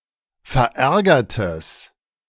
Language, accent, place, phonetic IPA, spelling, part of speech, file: German, Germany, Berlin, [fɛɐ̯ˈʔɛʁɡɐtəs], verärgertes, adjective, De-verärgertes.ogg
- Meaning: strong/mixed nominative/accusative neuter singular of verärgert